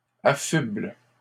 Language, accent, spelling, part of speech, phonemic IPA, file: French, Canada, affubles, verb, /a.fybl/, LL-Q150 (fra)-affubles.wav
- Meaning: second-person singular present indicative/subjunctive of affubler